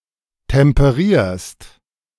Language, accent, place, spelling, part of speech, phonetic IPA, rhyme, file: German, Germany, Berlin, temperierst, verb, [tɛmpəˈʁiːɐ̯st], -iːɐ̯st, De-temperierst.ogg
- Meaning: second-person singular present of temperieren